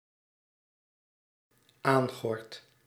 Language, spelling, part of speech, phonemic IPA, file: Dutch, aangord, verb, /ˈaŋɣɔrt/, Nl-aangord.ogg
- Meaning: first-person singular dependent-clause present indicative of aangorden